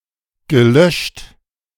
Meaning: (verb) past participle of löschen; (adjective) 1. deleted, erased, blanked 2. extinguished, quenched
- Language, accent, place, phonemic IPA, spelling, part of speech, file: German, Germany, Berlin, /ɡəˈlœʃt/, gelöscht, verb / adjective, De-gelöscht.ogg